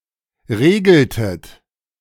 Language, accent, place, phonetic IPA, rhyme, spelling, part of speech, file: German, Germany, Berlin, [ˈʁeːɡl̩tət], -eːɡl̩tət, regeltet, verb, De-regeltet.ogg
- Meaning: inflection of regeln: 1. second-person plural preterite 2. second-person plural subjunctive II